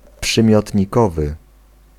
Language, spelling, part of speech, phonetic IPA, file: Polish, przymiotnikowy, adjective, [ˌpʃɨ̃mʲjɔtʲɲiˈkɔvɨ], Pl-przymiotnikowy.ogg